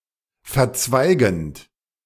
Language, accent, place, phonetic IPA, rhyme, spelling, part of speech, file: German, Germany, Berlin, [fɛɐ̯ˈt͡svaɪ̯ɡn̩t], -aɪ̯ɡn̩t, verzweigend, verb, De-verzweigend.ogg
- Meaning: present participle of verzweigen